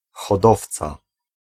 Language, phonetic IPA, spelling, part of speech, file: Polish, [xɔˈdɔft͡sa], hodowca, noun, Pl-hodowca.ogg